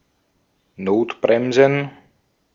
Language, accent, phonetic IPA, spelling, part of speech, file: German, Austria, [ˈnoːtˌbʁɛmzn̩], Notbremsen, noun, De-at-Notbremsen.ogg
- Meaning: plural of Notbremse